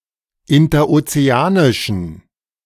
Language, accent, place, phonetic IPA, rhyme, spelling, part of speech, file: German, Germany, Berlin, [ɪntɐʔot͡seˈaːnɪʃn̩], -aːnɪʃn̩, interozeanischen, adjective, De-interozeanischen.ogg
- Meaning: inflection of interozeanisch: 1. strong genitive masculine/neuter singular 2. weak/mixed genitive/dative all-gender singular 3. strong/weak/mixed accusative masculine singular 4. strong dative plural